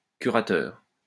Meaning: 1. trustee 2. curator
- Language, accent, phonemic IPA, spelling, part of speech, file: French, France, /ky.ʁa.tœʁ/, curateur, noun, LL-Q150 (fra)-curateur.wav